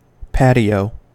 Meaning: 1. A paved outside area, adjoining a house, used for dining or recreation 2. An inner courtyard typical of traditional houses in some regions of Spain
- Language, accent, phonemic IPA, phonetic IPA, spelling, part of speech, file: English, US, /ˈpæt.i.oʊ/, [ˈpæɾ.i.oʊ], patio, noun, En-us-patio.ogg